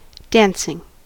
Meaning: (noun) 1. The activity of taking part in a dance 2. A dance club in France; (verb) present participle and gerund of dance
- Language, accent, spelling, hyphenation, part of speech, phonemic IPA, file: English, US, dancing, danc‧ing, noun / verb, /ˈdæns.ɪŋ/, En-us-dancing.ogg